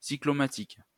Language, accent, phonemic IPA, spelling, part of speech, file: French, France, /si.klɔ.ma.tik/, cyclomatique, adjective, LL-Q150 (fra)-cyclomatique.wav
- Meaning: cyclomatic